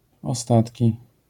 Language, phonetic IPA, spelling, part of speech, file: Polish, [ɔˈstatʲci], ostatki, noun, LL-Q809 (pol)-ostatki.wav